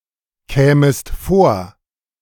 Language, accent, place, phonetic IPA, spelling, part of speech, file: German, Germany, Berlin, [ˌkɛːməst ˈfoːɐ̯], kämest vor, verb, De-kämest vor.ogg
- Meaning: second-person singular subjunctive II of vorkommen